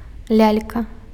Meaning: doll, puppet (a toy in the form of a human)
- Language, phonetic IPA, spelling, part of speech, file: Belarusian, [ˈlʲalʲka], лялька, noun, Be-лялька.ogg